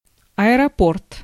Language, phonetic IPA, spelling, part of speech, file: Russian, [ɐɪrɐˈport], аэропорт, noun, Ru-аэропорт.ogg
- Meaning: airport